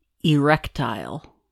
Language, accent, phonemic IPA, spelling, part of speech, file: English, US, /əˈɹɛktaɪl/, erectile, adjective, En-us-erectile.ogg
- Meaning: 1. Capable of being raised to an upright position 2. Capable of filling with blood and becoming rigid